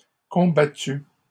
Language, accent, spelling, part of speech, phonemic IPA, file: French, Canada, combattu, verb, /kɔ̃.ba.ty/, LL-Q150 (fra)-combattu.wav
- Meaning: past participle of combattre